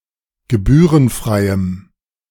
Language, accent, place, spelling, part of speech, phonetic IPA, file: German, Germany, Berlin, gebührenfreiem, adjective, [ɡəˈbyːʁənˌfʁaɪ̯əm], De-gebührenfreiem.ogg
- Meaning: strong dative masculine/neuter singular of gebührenfrei